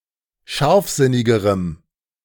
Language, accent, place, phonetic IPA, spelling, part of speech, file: German, Germany, Berlin, [ˈʃaʁfˌzɪnɪɡəʁəm], scharfsinnigerem, adjective, De-scharfsinnigerem.ogg
- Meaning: strong dative masculine/neuter singular comparative degree of scharfsinnig